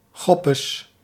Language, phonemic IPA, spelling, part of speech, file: Dutch, /ˈxɔpəs/, choppes, noun, Nl-choppes.ogg
- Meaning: plural of choppe